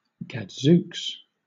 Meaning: An expression of surprise, shock, etc
- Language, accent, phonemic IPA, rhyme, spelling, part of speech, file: English, Southern England, /ɡædˈzuːks/, -uːks, gadzooks, interjection, LL-Q1860 (eng)-gadzooks.wav